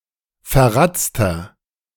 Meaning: 1. comparative degree of verratzt 2. inflection of verratzt: strong/mixed nominative masculine singular 3. inflection of verratzt: strong genitive/dative feminine singular
- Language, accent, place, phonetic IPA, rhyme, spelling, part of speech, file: German, Germany, Berlin, [fɛɐ̯ˈʁat͡stɐ], -at͡stɐ, verratzter, adjective, De-verratzter.ogg